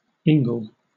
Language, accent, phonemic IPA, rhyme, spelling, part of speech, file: English, Southern England, /ˈɪŋɡəl/, -ɪŋɡəl, ingle, noun / verb, LL-Q1860 (eng)-ingle.wav
- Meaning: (noun) 1. An open fireplace 2. A catamite; a male lover; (verb) To cajole or coax; to wheedle